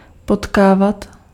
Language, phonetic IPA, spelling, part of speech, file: Czech, [ˈpotkaːvat], potkávat, verb, Cs-potkávat.ogg
- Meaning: iterative of potkat